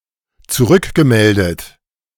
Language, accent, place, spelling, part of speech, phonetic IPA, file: German, Germany, Berlin, zurückgemeldet, verb, [t͡suˈʁʏkɡəˌmɛldət], De-zurückgemeldet.ogg
- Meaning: past participle of zurückmelden